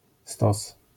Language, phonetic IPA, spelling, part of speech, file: Polish, [stɔs], stos, noun, LL-Q809 (pol)-stos.wav